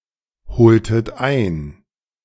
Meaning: inflection of einholen: 1. second-person plural preterite 2. second-person plural subjunctive II
- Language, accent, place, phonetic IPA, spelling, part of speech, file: German, Germany, Berlin, [ˌhoːltət ˈaɪ̯n], holtet ein, verb, De-holtet ein.ogg